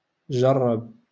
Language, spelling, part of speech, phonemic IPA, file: Moroccan Arabic, جرب, verb, /ʒar.rab/, LL-Q56426 (ary)-جرب.wav
- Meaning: to try